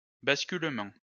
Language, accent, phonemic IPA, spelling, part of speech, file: French, France, /bas.kyl.mɑ̃/, basculement, noun, LL-Q150 (fra)-basculement.wav
- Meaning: 1. the act or result of toppling or falling 2. transfer, transition 3. failover